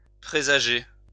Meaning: 1. to predict, to foresee, foretell 2. to forewarn 3. to portend, be an omen of 4. to bode
- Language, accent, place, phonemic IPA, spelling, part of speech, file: French, France, Lyon, /pʁe.za.ʒe/, présager, verb, LL-Q150 (fra)-présager.wav